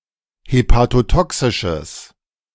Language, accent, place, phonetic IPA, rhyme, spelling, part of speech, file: German, Germany, Berlin, [hepatoˈtɔksɪʃəs], -ɔksɪʃəs, hepatotoxisches, adjective, De-hepatotoxisches.ogg
- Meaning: strong/mixed nominative/accusative neuter singular of hepatotoxisch